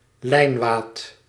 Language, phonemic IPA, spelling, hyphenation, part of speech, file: Dutch, /ˈlɛi̯n.ʋaːt/, lijnwaad, lijn‧waad, noun, Nl-lijnwaad.ogg
- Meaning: 1. linens, linen 2. linen, linen piece of fabric or clothing